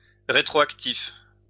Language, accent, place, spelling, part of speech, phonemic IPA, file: French, France, Lyon, rétroactif, adjective, /ʁe.tʁo.ak.tif/, LL-Q150 (fra)-rétroactif.wav
- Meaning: retroactive